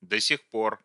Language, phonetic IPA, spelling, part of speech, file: Russian, [də‿sʲɪx‿ˈpor], до сих пор, adverb / conjunction, Ru-до сих пор.ogg
- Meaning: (adverb) 1. still, so far, yet, as yet, hitherto, up to now, thus far 2. till now 3. before now; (conjunction) as yet